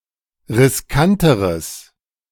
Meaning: strong/mixed nominative/accusative neuter singular comparative degree of riskant
- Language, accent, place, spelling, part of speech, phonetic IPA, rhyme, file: German, Germany, Berlin, riskanteres, adjective, [ʁɪsˈkantəʁəs], -antəʁəs, De-riskanteres.ogg